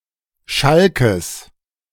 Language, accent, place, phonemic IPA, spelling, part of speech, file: German, Germany, Berlin, /ˈʃalkəs/, Schalkes, noun / proper noun, De-Schalkes.ogg
- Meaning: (noun) genitive singular of Schalk; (proper noun) genitive of Schalke